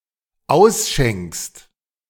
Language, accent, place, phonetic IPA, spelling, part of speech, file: German, Germany, Berlin, [ˈaʊ̯sˌʃɛŋkst], ausschenkst, verb, De-ausschenkst.ogg
- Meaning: second-person singular dependent present of ausschenken